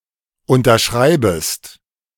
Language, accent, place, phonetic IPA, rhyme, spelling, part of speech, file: German, Germany, Berlin, [ˌʊntɐˈʃʁaɪ̯bəst], -aɪ̯bəst, unterschreibest, verb, De-unterschreibest.ogg
- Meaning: second-person singular subjunctive I of unterschreiben